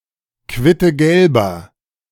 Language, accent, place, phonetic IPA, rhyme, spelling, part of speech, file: German, Germany, Berlin, [ˌkvɪtəˈɡɛlbɐ], -ɛlbɐ, quittegelber, adjective, De-quittegelber.ogg
- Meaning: inflection of quittegelb: 1. strong/mixed nominative masculine singular 2. strong genitive/dative feminine singular 3. strong genitive plural